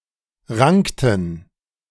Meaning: inflection of ranken: 1. first/third-person plural preterite 2. first/third-person plural subjunctive II
- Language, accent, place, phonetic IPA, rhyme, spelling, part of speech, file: German, Germany, Berlin, [ˈʁaŋktn̩], -aŋktn̩, rankten, verb, De-rankten.ogg